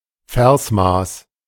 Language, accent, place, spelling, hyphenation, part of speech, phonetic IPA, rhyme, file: German, Germany, Berlin, Versmaß, Vers‧maß, noun, [ˈfɛʁsˌmaːs], -aːs, De-Versmaß.ogg
- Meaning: meter